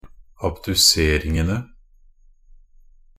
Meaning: definite plural of abdusering
- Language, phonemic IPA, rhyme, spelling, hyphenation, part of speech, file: Norwegian Bokmål, /abdʉˈseːrɪŋənə/, -ənə, abduseringene, ab‧du‧ser‧ing‧en‧e, noun, Nb-abduseringene.ogg